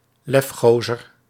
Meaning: a man or boy with a lot of chutzpah; a daring or impudent male
- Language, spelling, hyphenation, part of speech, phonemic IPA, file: Dutch, lefgozer, lef‧go‧zer, noun, /ˈlɛfˌxoː.zər/, Nl-lefgozer.ogg